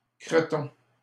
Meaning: 1. a piece of fat 2. a type of rillettes 3. a type of rillettes: creton
- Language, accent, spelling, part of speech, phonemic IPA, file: French, Canada, creton, noun, /kʁə.tɔ̃/, LL-Q150 (fra)-creton.wav